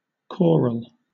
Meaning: Of, relating to, written for, or performed by a choir or a chorus
- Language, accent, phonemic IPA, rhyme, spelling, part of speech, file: English, Southern England, /ˈkɔːɹəl/, -ɔːɹəl, choral, adjective, LL-Q1860 (eng)-choral.wav